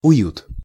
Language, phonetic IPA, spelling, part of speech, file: Russian, [ʊˈjut], уют, noun, Ru-уют.ogg
- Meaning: cosiness, comfort